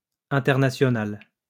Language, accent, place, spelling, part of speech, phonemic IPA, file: French, France, Lyon, internationale, adjective, /ɛ̃.tɛʁ.na.sjɔ.nal/, LL-Q150 (fra)-internationale.wav
- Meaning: feminine singular of international